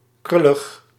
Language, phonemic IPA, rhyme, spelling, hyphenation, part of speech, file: Dutch, /ˈkrʏ.ləx/, -ʏləx, krullig, krul‧lig, adjective, Nl-krullig.ogg
- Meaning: curly